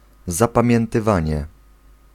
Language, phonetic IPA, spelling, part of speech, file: Polish, [ˌzapãmʲjɛ̃ntɨˈvãɲɛ], zapamiętywanie, noun, Pl-zapamiętywanie.ogg